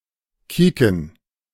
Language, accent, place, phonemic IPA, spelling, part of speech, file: German, Germany, Berlin, /ˈkiːkən/, kieken, verb, De-kieken.ogg
- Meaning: to look; to glance